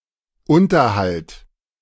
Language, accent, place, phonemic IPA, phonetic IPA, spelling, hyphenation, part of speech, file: German, Germany, Berlin, /ˈʊntərhalt/, [ˈʊntɐhalt], Unterhalt, Un‧ter‧halt, noun, De-Unterhalt.ogg
- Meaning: alimony, maintenance, (child) support (court-enforced allowance)